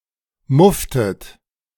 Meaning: inflection of muffen: 1. second-person plural preterite 2. second-person plural subjunctive II
- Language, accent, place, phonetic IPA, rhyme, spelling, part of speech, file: German, Germany, Berlin, [ˈmʊftət], -ʊftət, mufftet, verb, De-mufftet.ogg